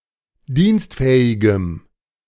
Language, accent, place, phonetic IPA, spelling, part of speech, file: German, Germany, Berlin, [ˈdiːnstˌfɛːɪɡəm], dienstfähigem, adjective, De-dienstfähigem.ogg
- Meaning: strong dative masculine/neuter singular of dienstfähig